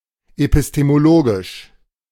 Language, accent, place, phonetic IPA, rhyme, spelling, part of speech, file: German, Germany, Berlin, [epɪstemoˈloːɡɪʃ], -oːɡɪʃ, epistemologisch, adjective, De-epistemologisch.ogg
- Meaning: epistemological